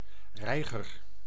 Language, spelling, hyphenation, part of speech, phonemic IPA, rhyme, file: Dutch, reiger, rei‧ger, noun, /ˈrɛi̯.ɣər/, -ɛi̯ɣər, Nl-reiger.ogg
- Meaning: heron, waterbird of the family Ardeidae